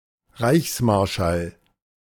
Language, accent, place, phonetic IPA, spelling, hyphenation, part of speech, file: German, Germany, Berlin, [ˈʁaɪ̯çsˌmaʁʃal], Reichsmarschall, Reichs‧mar‧schall, noun, De-Reichsmarschall.ogg
- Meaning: marshal of the realm